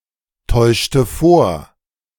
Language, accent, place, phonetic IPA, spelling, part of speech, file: German, Germany, Berlin, [ˌtɔɪ̯ʃtə ˈfoːɐ̯], täuschte vor, verb, De-täuschte vor.ogg
- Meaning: inflection of vortäuschen: 1. first/third-person singular preterite 2. first/third-person singular subjunctive II